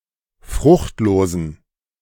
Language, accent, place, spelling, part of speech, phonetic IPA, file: German, Germany, Berlin, fruchtlosen, adjective, [ˈfʁʊxtˌloːzn̩], De-fruchtlosen.ogg
- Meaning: inflection of fruchtlos: 1. strong genitive masculine/neuter singular 2. weak/mixed genitive/dative all-gender singular 3. strong/weak/mixed accusative masculine singular 4. strong dative plural